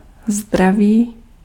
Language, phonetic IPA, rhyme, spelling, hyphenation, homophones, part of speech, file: Czech, [ˈzdraviː], -aviː, zdraví, zdra‧ví, zdravý, noun / adjective / verb, Cs-zdraví.ogg
- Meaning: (noun) health; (adjective) animate masculine nominative/vocative plural of zdravý; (verb) third-person singular/plural present indicative of zdravit